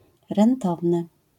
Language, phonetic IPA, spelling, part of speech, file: Polish, [rɛ̃nˈtɔvnɨ], rentowny, adjective, LL-Q809 (pol)-rentowny.wav